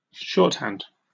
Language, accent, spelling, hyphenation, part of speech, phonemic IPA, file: English, UK, shorthand, short‧hand, noun / verb, /ˈʃɔːthænd/, En-uk-shorthand.oga
- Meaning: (noun) 1. A rough and rapid method of writing by substituting symbols for letters, words, etc 2. Any brief or shortened way of saying or doing something